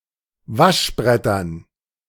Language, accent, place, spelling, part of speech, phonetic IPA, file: German, Germany, Berlin, Waschbrettern, noun, [ˈvaʃˌbʁɛtɐn], De-Waschbrettern.ogg
- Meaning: dative plural of Waschbrett